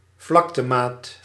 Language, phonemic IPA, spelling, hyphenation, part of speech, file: Dutch, /ˈvlɑk.təˌmaːt/, vlaktemaat, vlak‧te‧maat, noun, Nl-vlaktemaat.ogg
- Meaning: unit of area